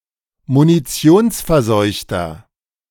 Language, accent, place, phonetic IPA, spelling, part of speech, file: German, Germany, Berlin, [muniˈt͡si̯oːnsfɛɐ̯ˌzɔɪ̯çtɐ], munitionsverseuchter, adjective, De-munitionsverseuchter.ogg
- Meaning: 1. comparative degree of munitionsverseucht 2. inflection of munitionsverseucht: strong/mixed nominative masculine singular